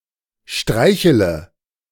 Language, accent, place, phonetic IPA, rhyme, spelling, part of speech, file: German, Germany, Berlin, [ˈʃtʁaɪ̯çələ], -aɪ̯çələ, streichele, verb, De-streichele.ogg
- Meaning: inflection of streicheln: 1. first-person singular present 2. first/third-person singular subjunctive I 3. singular imperative